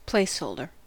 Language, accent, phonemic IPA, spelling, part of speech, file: English, General American, /ˈpleɪsˌhoʊldɚ/, placeholder, noun, En-us-placeholder.ogg
- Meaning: Something used or included temporarily or as a substitute for something that is not known or must remain generic; that which holds, denotes or reserves a place for something to come later